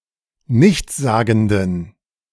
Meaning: inflection of nichtssagend: 1. strong genitive masculine/neuter singular 2. weak/mixed genitive/dative all-gender singular 3. strong/weak/mixed accusative masculine singular 4. strong dative plural
- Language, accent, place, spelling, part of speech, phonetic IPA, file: German, Germany, Berlin, nichtssagenden, adjective, [ˈnɪçt͡sˌzaːɡn̩dən], De-nichtssagenden.ogg